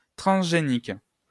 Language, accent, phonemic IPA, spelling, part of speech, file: French, France, /tʁɑ̃s.ʒe.nik/, transgénique, adjective, LL-Q150 (fra)-transgénique.wav
- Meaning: transgenic